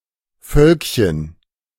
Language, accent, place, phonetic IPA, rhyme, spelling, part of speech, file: German, Germany, Berlin, [ˈfœlkçən], -œlkçən, Völkchen, noun, De-Völkchen.ogg
- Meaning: diminutive of Volk